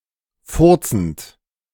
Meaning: present participle of furzen
- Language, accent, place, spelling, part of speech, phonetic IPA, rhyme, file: German, Germany, Berlin, furzend, verb, [ˈfʊʁt͡sn̩t], -ʊʁt͡sn̩t, De-furzend.ogg